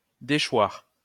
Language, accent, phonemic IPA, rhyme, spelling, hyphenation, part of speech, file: French, France, /de.ʃwaʁ/, -waʁ, déchoir, dé‧choir, verb, LL-Q150 (fra)-déchoir.wav
- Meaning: 1. to wane (diminish) 2. to strip